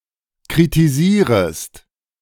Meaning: second-person singular subjunctive I of kritisieren
- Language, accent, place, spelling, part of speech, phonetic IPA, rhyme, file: German, Germany, Berlin, kritisierest, verb, [kʁitiˈziːʁəst], -iːʁəst, De-kritisierest.ogg